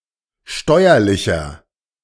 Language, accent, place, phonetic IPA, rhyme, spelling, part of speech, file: German, Germany, Berlin, [ˈʃtɔɪ̯ɐlɪçɐ], -ɔɪ̯ɐlɪçɐ, steuerlicher, adjective, De-steuerlicher.ogg
- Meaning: inflection of steuerlich: 1. strong/mixed nominative masculine singular 2. strong genitive/dative feminine singular 3. strong genitive plural